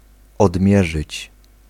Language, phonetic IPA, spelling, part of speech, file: Polish, [ɔdˈmʲjɛʒɨt͡ɕ], odmierzyć, verb, Pl-odmierzyć.ogg